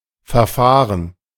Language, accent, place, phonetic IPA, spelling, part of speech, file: German, Germany, Berlin, [fɛɐ̯ˈfaːʁən], Verfahren, noun, De-Verfahren.ogg
- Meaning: 1. procedure, process 2. proceedings